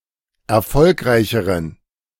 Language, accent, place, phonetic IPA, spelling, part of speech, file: German, Germany, Berlin, [ɛɐ̯ˈfɔlkʁaɪ̯çəʁən], erfolgreicheren, adjective, De-erfolgreicheren.ogg
- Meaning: inflection of erfolgreich: 1. strong genitive masculine/neuter singular comparative degree 2. weak/mixed genitive/dative all-gender singular comparative degree